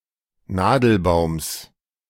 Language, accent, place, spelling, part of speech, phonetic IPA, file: German, Germany, Berlin, Nadelbaums, noun, [ˈnaːdl̩ˌbaʊ̯ms], De-Nadelbaums.ogg
- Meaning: genitive singular of Nadelbaum